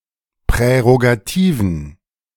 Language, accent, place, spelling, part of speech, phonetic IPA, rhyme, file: German, Germany, Berlin, prärogativen, adjective, [pʁɛʁoɡaˈtiːvn̩], -iːvn̩, De-prärogativen.ogg
- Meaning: inflection of prärogativ: 1. strong genitive masculine/neuter singular 2. weak/mixed genitive/dative all-gender singular 3. strong/weak/mixed accusative masculine singular 4. strong dative plural